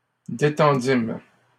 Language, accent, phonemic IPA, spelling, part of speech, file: French, Canada, /de.tɑ̃.dim/, détendîmes, verb, LL-Q150 (fra)-détendîmes.wav
- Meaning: first-person plural past historic of détendre